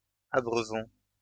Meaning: inflection of abreuver: 1. first-person plural present indicative 2. first-person plural imperative
- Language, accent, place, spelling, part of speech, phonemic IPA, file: French, France, Lyon, abreuvons, verb, /a.bʁœ.vɔ̃/, LL-Q150 (fra)-abreuvons.wav